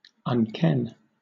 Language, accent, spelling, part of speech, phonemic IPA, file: English, Southern England, unken, verb, /ʌnˈkɛn/, LL-Q1860 (eng)-unken.wav
- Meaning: To not know, fail to recognise, be ignorant of